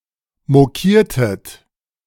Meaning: inflection of mokieren: 1. second-person plural preterite 2. second-person plural subjunctive II
- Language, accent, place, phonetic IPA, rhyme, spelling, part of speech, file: German, Germany, Berlin, [moˈkiːɐ̯tət], -iːɐ̯tət, mokiertet, verb, De-mokiertet.ogg